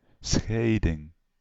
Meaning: 1. separation 2. a divorce 3. a parting, a part (hairstyle)
- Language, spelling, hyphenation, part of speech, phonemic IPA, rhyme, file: Dutch, scheiding, schei‧ding, noun, /ˈsxɛi̯.dɪŋ/, -ɛi̯dɪŋ, Nl-scheiding.ogg